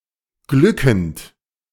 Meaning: present participle of glücken
- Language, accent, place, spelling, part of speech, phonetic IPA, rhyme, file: German, Germany, Berlin, glückend, verb, [ˈɡlʏkn̩t], -ʏkn̩t, De-glückend.ogg